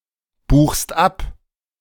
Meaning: second-person singular present of abbuchen
- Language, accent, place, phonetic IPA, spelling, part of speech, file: German, Germany, Berlin, [ˌbuːxst ˈap], buchst ab, verb, De-buchst ab.ogg